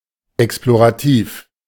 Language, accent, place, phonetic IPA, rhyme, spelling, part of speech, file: German, Germany, Berlin, [ˌɛksploʁaˈtiːf], -iːf, explorativ, adjective, De-explorativ.ogg
- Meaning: exploratory